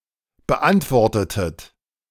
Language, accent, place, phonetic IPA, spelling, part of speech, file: German, Germany, Berlin, [bəˈʔantvɔʁtətət], beantwortetet, verb, De-beantwortetet.ogg
- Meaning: inflection of beantworten: 1. second-person plural preterite 2. second-person plural subjunctive II